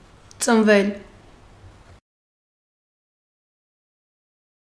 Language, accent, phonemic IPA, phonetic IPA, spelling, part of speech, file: Armenian, Eastern Armenian, /t͡sənˈvel/, [t͡sənvél], ծնվել, verb, Hy-ծնվել.ogg
- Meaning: mediopassive of ծնել (cnel): 1. to be born 2. to come into being, to arise 3. to occur, to come (an idea, etc.)